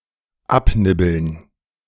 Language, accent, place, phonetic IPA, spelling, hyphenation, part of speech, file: German, Germany, Berlin, [ˈapˌnɪbl̩n], abnibbeln, ab‧nib‧beln, verb, De-abnibbeln.ogg
- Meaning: alternative form of abnippeln